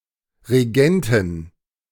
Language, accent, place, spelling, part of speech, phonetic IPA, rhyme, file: German, Germany, Berlin, Regenten, noun, [ʁeˈɡɛntn̩], -ɛntn̩, De-Regenten.ogg
- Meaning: plural of Regent